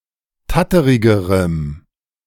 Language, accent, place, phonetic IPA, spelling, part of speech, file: German, Germany, Berlin, [ˈtatəʁɪɡəʁəm], tatterigerem, adjective, De-tatterigerem.ogg
- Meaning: strong dative masculine/neuter singular comparative degree of tatterig